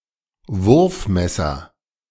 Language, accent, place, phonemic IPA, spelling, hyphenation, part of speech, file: German, Germany, Berlin, /ˈvʊʁfˌmɛsɐ/, Wurfmesser, Wurf‧mes‧ser, noun, De-Wurfmesser.ogg
- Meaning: throwing knife